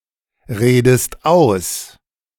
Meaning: inflection of ausreden: 1. second-person singular present 2. second-person singular subjunctive I
- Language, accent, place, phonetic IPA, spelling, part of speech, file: German, Germany, Berlin, [ˌʁeːdəst ˈaʊ̯s], redest aus, verb, De-redest aus.ogg